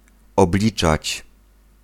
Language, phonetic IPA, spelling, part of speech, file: Polish, [ɔbˈlʲit͡ʃat͡ɕ], obliczać, verb, Pl-obliczać.ogg